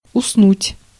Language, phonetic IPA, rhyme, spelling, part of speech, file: Russian, [ʊsˈnutʲ], -utʲ, уснуть, verb, Ru-уснуть.ogg
- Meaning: 1. to fall asleep, to go to sleep 2. to die